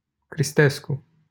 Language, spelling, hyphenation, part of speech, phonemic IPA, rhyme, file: Romanian, Cristescu, Cris‧tes‧cu, proper noun, /krisˈtes.ku/, -esku, LL-Q7913 (ron)-Cristescu.wav
- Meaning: a surname